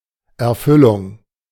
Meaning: fulfillment
- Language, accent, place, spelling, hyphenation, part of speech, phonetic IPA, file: German, Germany, Berlin, Erfüllung, Er‧fül‧lung, noun, [ɛɐ̯ˈfʏlʊŋ], De-Erfüllung.ogg